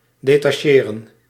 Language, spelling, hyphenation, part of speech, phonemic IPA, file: Dutch, detacheren, de‧ta‧che‧ren, verb, /deːtɑˈʃeːrə(n)/, Nl-detacheren.ogg
- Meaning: 1. to deploy, to assign to work 2. to deploy, to set up in a military function